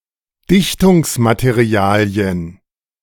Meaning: plural of Dichtungsmaterial
- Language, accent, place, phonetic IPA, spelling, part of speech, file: German, Germany, Berlin, [ˈdɪçtʊŋsmateˌʁi̯aːli̯ən], Dichtungsmaterialien, noun, De-Dichtungsmaterialien.ogg